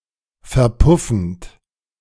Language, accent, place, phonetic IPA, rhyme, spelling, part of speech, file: German, Germany, Berlin, [fɛɐ̯ˈpʊfn̩t], -ʊfn̩t, verpuffend, verb, De-verpuffend.ogg
- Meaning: present participle of verpuffen